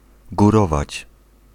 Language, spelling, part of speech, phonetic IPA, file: Polish, górować, verb, [ɡuˈrɔvat͡ɕ], Pl-górować.ogg